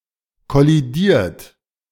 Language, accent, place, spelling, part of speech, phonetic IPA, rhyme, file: German, Germany, Berlin, kollidiert, verb, [kɔliˈdiːɐ̯t], -iːɐ̯t, De-kollidiert.ogg
- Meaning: 1. past participle of kollidieren 2. inflection of kollidieren: third-person singular present 3. inflection of kollidieren: second-person plural present 4. inflection of kollidieren: plural imperative